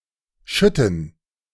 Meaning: gerund of schütten
- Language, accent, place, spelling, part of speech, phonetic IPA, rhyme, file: German, Germany, Berlin, Schütten, noun, [ˈʃʏtn̩], -ʏtn̩, De-Schütten.ogg